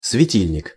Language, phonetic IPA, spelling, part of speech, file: Russian, [svʲɪˈtʲilʲnʲɪk], светильник, noun, Ru-светильник.ogg
- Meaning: lamp, light fixture